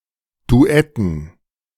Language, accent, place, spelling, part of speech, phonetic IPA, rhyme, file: German, Germany, Berlin, Duetten, noun, [duˈɛtn̩], -ɛtn̩, De-Duetten.ogg
- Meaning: dative plural of Duett